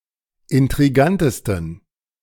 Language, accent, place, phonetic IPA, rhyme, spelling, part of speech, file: German, Germany, Berlin, [ɪntʁiˈɡantəstn̩], -antəstn̩, intrigantesten, adjective, De-intrigantesten.ogg
- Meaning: 1. superlative degree of intrigant 2. inflection of intrigant: strong genitive masculine/neuter singular superlative degree